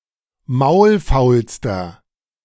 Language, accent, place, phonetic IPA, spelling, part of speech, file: German, Germany, Berlin, [ˈmaʊ̯lˌfaʊ̯lstɐ], maulfaulster, adjective, De-maulfaulster.ogg
- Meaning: inflection of maulfaul: 1. strong/mixed nominative masculine singular superlative degree 2. strong genitive/dative feminine singular superlative degree 3. strong genitive plural superlative degree